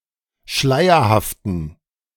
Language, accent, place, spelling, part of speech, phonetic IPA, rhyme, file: German, Germany, Berlin, schleierhaften, adjective, [ˈʃlaɪ̯ɐhaftn̩], -aɪ̯ɐhaftn̩, De-schleierhaften.ogg
- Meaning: inflection of schleierhaft: 1. strong genitive masculine/neuter singular 2. weak/mixed genitive/dative all-gender singular 3. strong/weak/mixed accusative masculine singular 4. strong dative plural